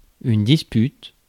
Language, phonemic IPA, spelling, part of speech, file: French, /dis.pyt/, dispute, noun, Fr-dispute.ogg
- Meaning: dispute